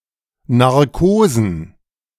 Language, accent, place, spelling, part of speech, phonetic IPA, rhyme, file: German, Germany, Berlin, Narkosen, noun, [naʁˈkoːzn̩], -oːzn̩, De-Narkosen.ogg
- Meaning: plural of Narkose